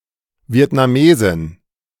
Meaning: Vietnamese woman
- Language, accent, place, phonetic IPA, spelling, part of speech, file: German, Germany, Berlin, [vi̯ɛtnaˈmeːzɪn], Vietnamesin, noun, De-Vietnamesin.ogg